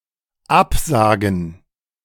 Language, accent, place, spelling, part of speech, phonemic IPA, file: German, Germany, Berlin, Absagen, noun, /ˈapzaːɡn̩/, De-Absagen.ogg
- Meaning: 1. gerund of absagen 2. plural of Absage